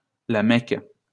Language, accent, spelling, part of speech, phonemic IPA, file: French, France, La Mecque, proper noun, /la mɛk/, LL-Q150 (fra)-La Mecque.wav
- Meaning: Mecca (a large city in the Hejaz, Saudi Arabia, the holiest place in Islam)